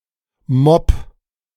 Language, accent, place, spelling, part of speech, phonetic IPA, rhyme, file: German, Germany, Berlin, mobb, verb, [mɔp], -ɔp, De-mobb.ogg
- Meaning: 1. singular imperative of mobben 2. first-person singular present of mobben